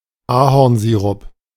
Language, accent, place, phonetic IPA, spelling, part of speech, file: German, Germany, Berlin, [ˈaːhɔʁnˌziːʁʊp], Ahornsirup, noun, De-Ahornsirup.ogg
- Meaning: maple syrup